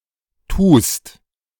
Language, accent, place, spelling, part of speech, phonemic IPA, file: German, Germany, Berlin, tust, verb, /tuːst/, De-tust.ogg
- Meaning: second-person singular present of tun